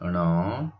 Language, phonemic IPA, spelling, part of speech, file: Odia, /ɳɔ/, ଣ, character, Or-ଣ.oga
- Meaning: The twenty-ninth character in the Odia abugida